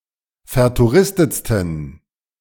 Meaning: 1. superlative degree of vertouristet 2. inflection of vertouristet: strong genitive masculine/neuter singular superlative degree
- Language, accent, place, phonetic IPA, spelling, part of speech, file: German, Germany, Berlin, [fɛɐ̯tuˈʁɪstət͡stn̩], vertouristetsten, adjective, De-vertouristetsten.ogg